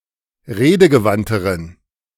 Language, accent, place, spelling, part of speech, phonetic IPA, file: German, Germany, Berlin, redegewandteren, adjective, [ˈʁeːdəɡəˌvantəʁən], De-redegewandteren.ogg
- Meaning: inflection of redegewandt: 1. strong genitive masculine/neuter singular comparative degree 2. weak/mixed genitive/dative all-gender singular comparative degree